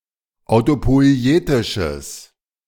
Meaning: strong/mixed nominative/accusative neuter singular of autopoietisch
- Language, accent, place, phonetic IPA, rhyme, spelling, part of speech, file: German, Germany, Berlin, [aʊ̯topɔɪ̯ˈeːtɪʃəs], -eːtɪʃəs, autopoietisches, adjective, De-autopoietisches.ogg